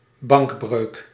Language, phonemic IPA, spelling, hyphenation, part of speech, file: Dutch, /ˈbɑŋk.brøːk/, bankbreuk, bank‧breuk, noun, Nl-bankbreuk.ogg
- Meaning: 1. criminal bankruptcy 2. bankruptcy